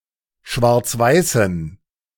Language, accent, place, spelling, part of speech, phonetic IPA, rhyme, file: German, Germany, Berlin, schwarzweißen, adjective, [ˌʃvaʁt͡sˈvaɪ̯sn̩], -aɪ̯sn̩, De-schwarzweißen.ogg
- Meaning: inflection of schwarzweiß: 1. strong genitive masculine/neuter singular 2. weak/mixed genitive/dative all-gender singular 3. strong/weak/mixed accusative masculine singular 4. strong dative plural